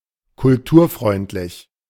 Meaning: culture-friendly
- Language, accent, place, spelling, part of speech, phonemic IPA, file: German, Germany, Berlin, kulturfreundlich, adjective, /kʊlˈtuːɐ̯ˌfʁɔɪ̯ntlɪç/, De-kulturfreundlich.ogg